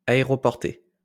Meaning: airlifted, transported by air
- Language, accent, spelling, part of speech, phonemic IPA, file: French, France, aéroporté, adjective, /a.e.ʁɔ.pɔʁ.te/, LL-Q150 (fra)-aéroporté.wav